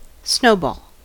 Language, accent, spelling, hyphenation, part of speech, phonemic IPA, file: English, US, snowball, snow‧ball, noun / adjective / verb, /ˈsnoʊbɔl/, En-us-snowball.ogg